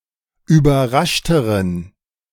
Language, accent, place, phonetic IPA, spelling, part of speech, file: German, Germany, Berlin, [yːbɐˈʁaʃtəʁən], überraschteren, adjective, De-überraschteren.ogg
- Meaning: inflection of überrascht: 1. strong genitive masculine/neuter singular comparative degree 2. weak/mixed genitive/dative all-gender singular comparative degree